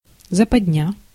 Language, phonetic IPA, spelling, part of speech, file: Russian, [zəpɐdʲˈnʲa], западня, noun, Ru-западня.ogg
- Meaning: trap, snare